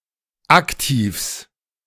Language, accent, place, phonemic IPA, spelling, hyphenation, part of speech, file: German, Germany, Berlin, /ˈaktiːfs/, Aktivs, Ak‧tivs, noun, De-Aktivs.ogg
- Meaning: genitive singular of Aktiv